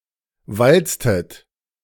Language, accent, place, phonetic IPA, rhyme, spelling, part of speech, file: German, Germany, Berlin, [ˈvalt͡stət], -alt͡stət, walztet, verb, De-walztet.ogg
- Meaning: inflection of walzen: 1. second-person plural preterite 2. second-person plural subjunctive II